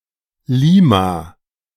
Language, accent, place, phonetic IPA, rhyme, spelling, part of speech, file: German, Germany, Berlin, [ˈliːma], -iːma, Lima, proper noun, De-Lima.ogg
- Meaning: Lima (the capital city of Peru)